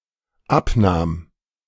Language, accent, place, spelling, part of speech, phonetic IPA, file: German, Germany, Berlin, abnahm, verb, [ˈapˌnaːm], De-abnahm.ogg
- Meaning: first/third-person singular dependent preterite of abnehmen